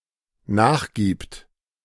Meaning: third-person singular dependent present of nachgeben
- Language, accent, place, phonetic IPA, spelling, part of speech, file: German, Germany, Berlin, [ˈnaːxˌɡiːpt], nachgibt, verb, De-nachgibt.ogg